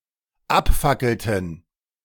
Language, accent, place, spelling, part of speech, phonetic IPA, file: German, Germany, Berlin, abfackelten, verb, [ˈapˌfakl̩tn̩], De-abfackelten.ogg
- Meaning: inflection of abfackeln: 1. first/third-person plural dependent preterite 2. first/third-person plural dependent subjunctive II